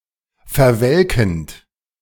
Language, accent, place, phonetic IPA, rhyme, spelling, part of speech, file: German, Germany, Berlin, [fɛɐ̯ˈvɛlkn̩t], -ɛlkn̩t, verwelkend, verb, De-verwelkend.ogg
- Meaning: present participle of verwelken